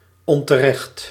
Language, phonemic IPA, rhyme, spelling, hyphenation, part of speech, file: Dutch, /ˌɔn.təˈrɛxt/, -ɛxt, onterecht, on‧te‧recht, adjective, Nl-onterecht.ogg
- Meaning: 1. unreasonable, unjust, unfair 2. incorrect, wrong